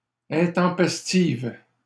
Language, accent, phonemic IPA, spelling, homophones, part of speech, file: French, Canada, /ɛ̃.tɑ̃.pɛs.tiv/, intempestives, intempestive, adjective, LL-Q150 (fra)-intempestives.wav
- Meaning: feminine plural of intempestif